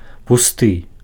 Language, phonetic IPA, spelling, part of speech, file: Belarusian, [puˈstɨ], пусты, adjective, Be-пусты.ogg
- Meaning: empty, hollow, void